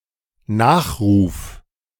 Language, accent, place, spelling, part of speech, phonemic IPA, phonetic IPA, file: German, Germany, Berlin, Nachruf, noun, /ˈnaːxʁuːf/, [ˈnäːχˌʁuːf], De-Nachruf.ogg
- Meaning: obituary; epitaph (text written about a deceased person)